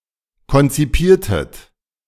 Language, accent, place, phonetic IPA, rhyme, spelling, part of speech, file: German, Germany, Berlin, [kɔnt͡siˈpiːɐ̯tət], -iːɐ̯tət, konzipiertet, verb, De-konzipiertet.ogg
- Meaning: inflection of konzipieren: 1. second-person plural preterite 2. second-person plural subjunctive II